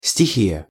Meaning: 1. element (one of the four classical elements of Ancient Greek philosophy) 2. elemental force of nature, and their spheres of influence, elements
- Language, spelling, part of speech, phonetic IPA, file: Russian, стихия, noun, [sʲtʲɪˈxʲijə], Ru-стихия.ogg